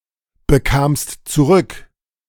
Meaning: second-person singular preterite of zurückbekommen
- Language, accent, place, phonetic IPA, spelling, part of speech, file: German, Germany, Berlin, [bəˌkaːmst t͡suˈʁʏk], bekamst zurück, verb, De-bekamst zurück.ogg